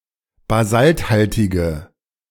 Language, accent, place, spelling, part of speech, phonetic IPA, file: German, Germany, Berlin, basalthaltige, adjective, [baˈzaltˌhaltɪɡə], De-basalthaltige.ogg
- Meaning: inflection of basalthaltig: 1. strong/mixed nominative/accusative feminine singular 2. strong nominative/accusative plural 3. weak nominative all-gender singular